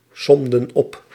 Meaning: inflection of opsommen: 1. plural past indicative 2. plural past subjunctive
- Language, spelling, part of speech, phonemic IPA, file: Dutch, somden op, verb, /ˈsɔmdə(n) ˈɔp/, Nl-somden op.ogg